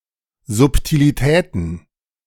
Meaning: plural of Subtilität
- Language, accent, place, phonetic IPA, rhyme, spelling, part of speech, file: German, Germany, Berlin, [ˌzʊptiliˈtɛːtn̩], -ɛːtn̩, Subtilitäten, noun, De-Subtilitäten.ogg